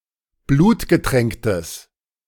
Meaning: strong/mixed nominative/accusative neuter singular of blutgetränkt
- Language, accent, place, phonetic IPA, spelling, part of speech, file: German, Germany, Berlin, [ˈbluːtɡəˌtʁɛŋktəs], blutgetränktes, adjective, De-blutgetränktes.ogg